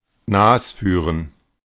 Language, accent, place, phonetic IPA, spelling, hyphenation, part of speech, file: German, Germany, Berlin, [ˈnaːsˌfyːʁən], nasführen, nas‧füh‧ren, verb, De-nasführen.ogg
- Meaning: to dupe